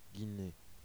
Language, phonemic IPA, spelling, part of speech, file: French, /ɡi.ne/, Guinée, proper noun, Fr-Guinée.oga
- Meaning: Guinea (a country in West Africa)